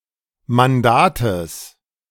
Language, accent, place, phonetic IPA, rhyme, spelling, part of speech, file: German, Germany, Berlin, [manˈdaːtəs], -aːtəs, Mandates, noun, De-Mandates.ogg
- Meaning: genitive singular of Mandat